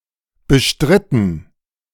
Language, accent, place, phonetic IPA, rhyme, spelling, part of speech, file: German, Germany, Berlin, [bəˈʃtʁɪtn̩], -ɪtn̩, bestritten, verb, De-bestritten.ogg
- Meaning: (verb) past participle of bestreiten; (adjective) controversial